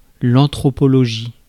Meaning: anthropology (the study of humanity)
- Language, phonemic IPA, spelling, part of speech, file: French, /ɑ̃.tʁɔ.pɔ.lɔ.ʒi/, anthropologie, noun, Fr-anthropologie.ogg